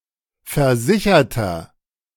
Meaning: inflection of versichert: 1. strong/mixed nominative masculine singular 2. strong genitive/dative feminine singular 3. strong genitive plural
- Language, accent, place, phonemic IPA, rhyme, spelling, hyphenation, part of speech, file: German, Germany, Berlin, /fɛɐ̯ˈzɪçɐtɐ/, -ɪçɐtɐ, versicherter, ver‧si‧cher‧ter, adjective, De-versicherter.ogg